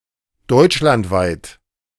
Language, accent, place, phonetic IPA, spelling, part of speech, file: German, Germany, Berlin, [ˈdɔɪ̯t͡ʃlantˌvaɪ̯t], deutschlandweit, adjective, De-deutschlandweit.ogg
- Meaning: Germany-wide; in all of Germany